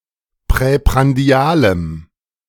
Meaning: strong dative masculine/neuter singular of präprandial
- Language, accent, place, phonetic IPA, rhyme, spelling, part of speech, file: German, Germany, Berlin, [pʁɛpʁanˈdi̯aːləm], -aːləm, präprandialem, adjective, De-präprandialem.ogg